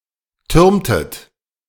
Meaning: inflection of türmen: 1. second-person plural preterite 2. second-person plural subjunctive II
- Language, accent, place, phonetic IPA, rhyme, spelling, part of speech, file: German, Germany, Berlin, [ˈtʏʁmtət], -ʏʁmtət, türmtet, verb, De-türmtet.ogg